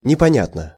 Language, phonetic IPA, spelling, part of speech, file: Russian, [nʲɪpɐˈnʲatnə], непонятно, adverb / adjective, Ru-непонятно.ogg
- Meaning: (adverb) 1. unintelligibly, incomprehensibly 2. strangely, oddly; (adjective) short neuter singular of непоня́тный (neponjátnyj)